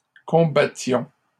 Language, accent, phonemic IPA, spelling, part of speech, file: French, Canada, /kɔ̃.ba.tjɔ̃/, combattions, verb, LL-Q150 (fra)-combattions.wav
- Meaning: inflection of combattre: 1. first-person plural imperfect indicative 2. first-person plural present subjunctive